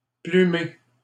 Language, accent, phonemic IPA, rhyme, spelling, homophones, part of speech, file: French, Canada, /ply.me/, -e, plumer, plumé / plumée / plumées / plumés, verb, LL-Q150 (fra)-plumer.wav
- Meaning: 1. to pluck the feathers off 2. to swindle or cheat out of 3. to desquamate; to have the skin peel off